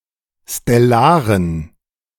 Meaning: inflection of stellar: 1. strong genitive masculine/neuter singular 2. weak/mixed genitive/dative all-gender singular 3. strong/weak/mixed accusative masculine singular 4. strong dative plural
- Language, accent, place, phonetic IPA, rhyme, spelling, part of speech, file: German, Germany, Berlin, [stɛˈlaːʁən], -aːʁən, stellaren, adjective, De-stellaren.ogg